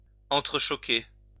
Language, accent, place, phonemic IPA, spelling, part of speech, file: French, France, Lyon, /ɑ̃.tʁə.ʃɔ.ke/, entrechoquer, verb, LL-Q150 (fra)-entrechoquer.wav
- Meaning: 1. to knock together, clink together 2. to contradict (each other), clash